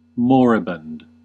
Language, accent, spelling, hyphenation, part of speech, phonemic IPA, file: English, US, moribund, mor‧i‧bund, adjective / noun, /ˈmɔːɹɪbʌnd/, En-us-moribund.ogg
- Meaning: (adjective) 1. Approaching death; about to die; dying; expiring 2. Almost obsolete; nearing an end; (noun) A person who is near to dying